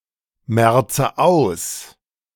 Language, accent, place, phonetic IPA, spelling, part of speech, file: German, Germany, Berlin, [ˌmɛʁt͡sə ˈaʊ̯s], merze aus, verb, De-merze aus.ogg
- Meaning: inflection of ausmerzen: 1. first-person singular present 2. first/third-person singular subjunctive I 3. singular imperative